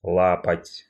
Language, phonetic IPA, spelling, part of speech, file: Russian, [ˈɫapətʲ], лапать, verb, Ru-лапать.ogg
- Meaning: to touch, to paw, to grope